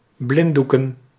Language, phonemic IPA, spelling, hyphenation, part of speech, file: Dutch, /ˈblɪnˌdu.kə(n)/, blinddoeken, blind‧doe‧ken, verb / noun, Nl-blinddoeken.ogg
- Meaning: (verb) to blindfold; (noun) plural of blinddoek